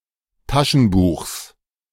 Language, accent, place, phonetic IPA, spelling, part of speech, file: German, Germany, Berlin, [ˈtaʃn̩ˌbuːxs], Taschenbuchs, noun, De-Taschenbuchs.ogg
- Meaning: genitive singular of Taschenbuch